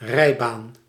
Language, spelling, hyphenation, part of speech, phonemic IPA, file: Dutch, rijbaan, rij‧baan, noun, /ˈrɛiban/, Nl-rijbaan.ogg
- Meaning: carriageway